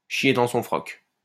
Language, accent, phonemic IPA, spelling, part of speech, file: French, France, /ʃje dɑ̃ sɔ̃ fʁɔk/, chier dans son froc, verb, LL-Q150 (fra)-chier dans son froc.wav
- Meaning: to shit oneself (to be very afraid)